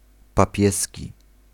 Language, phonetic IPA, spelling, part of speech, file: Polish, [paˈpʲjɛsʲci], papieski, adjective, Pl-papieski.ogg